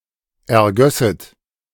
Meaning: second-person plural subjunctive II of ergießen
- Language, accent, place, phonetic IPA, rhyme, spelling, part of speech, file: German, Germany, Berlin, [ɛɐ̯ˈɡœsət], -œsət, ergösset, verb, De-ergösset.ogg